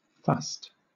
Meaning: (noun) 1. A strong musty smell; mustiness 2. The shaft (main body) of a column; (verb) To turn mouldy, to decay
- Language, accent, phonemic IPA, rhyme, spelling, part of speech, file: English, Southern England, /fʌst/, -ʌst, fust, noun / verb, LL-Q1860 (eng)-fust.wav